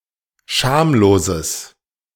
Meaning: strong/mixed nominative/accusative neuter singular of schamlos
- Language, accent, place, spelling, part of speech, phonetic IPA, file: German, Germany, Berlin, schamloses, adjective, [ˈʃaːmloːzəs], De-schamloses.ogg